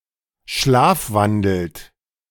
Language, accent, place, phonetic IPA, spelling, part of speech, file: German, Germany, Berlin, [ˈʃlaːfˌvandl̩t], schlafwandelt, verb, De-schlafwandelt.ogg
- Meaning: inflection of schlafwandeln: 1. third-person singular present 2. second-person plural present 3. plural imperative